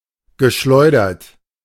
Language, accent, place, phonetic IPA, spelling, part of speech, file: German, Germany, Berlin, [ɡəˈʃlɔɪ̯dɐt], geschleudert, verb, De-geschleudert.ogg
- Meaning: past participle of schleudern